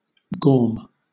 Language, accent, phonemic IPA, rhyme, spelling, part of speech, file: English, Southern England, /ɡɔːm/, -ɔːm, gaum, noun / verb, LL-Q1860 (eng)-gaum.wav
- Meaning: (noun) Heed; attention; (verb) 1. To understand; comprehend; consider 2. To smear; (noun) 1. Grime 2. A bit, a small amount 3. A useless person; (verb) Alternative form of gorm (to make a mess of)